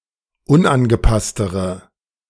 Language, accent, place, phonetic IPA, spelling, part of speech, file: German, Germany, Berlin, [ˈʊnʔanɡəˌpastəʁə], unangepasstere, adjective, De-unangepasstere.ogg
- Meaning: inflection of unangepasst: 1. strong/mixed nominative/accusative feminine singular comparative degree 2. strong nominative/accusative plural comparative degree